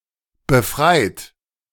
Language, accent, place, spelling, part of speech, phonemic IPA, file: German, Germany, Berlin, befreit, verb / adjective, /bəˈfʁaɪ̯t/, De-befreit.ogg
- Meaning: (verb) past participle of befreien; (adjective) freed from something, liberated